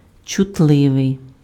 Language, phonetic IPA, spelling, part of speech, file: Ukrainian, [t͡ʃʊtˈɫɪʋei̯], чутливий, adjective, Uk-чутливий.ogg
- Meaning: 1. sensitive 2. susceptible